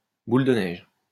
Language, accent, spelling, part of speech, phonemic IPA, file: French, France, boule de neige, noun, /bul də nɛʒ/, LL-Q150 (fra)-boule de neige.wav
- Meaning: 1. snowball 2. (type of) viburnum